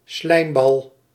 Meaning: 1. a slimeball, sycophant, reprehensible person 2. a ball of slime
- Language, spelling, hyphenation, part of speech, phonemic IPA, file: Dutch, slijmbal, slijm‧bal, noun, /ˈslɛi̯m.bɑl/, Nl-slijmbal.ogg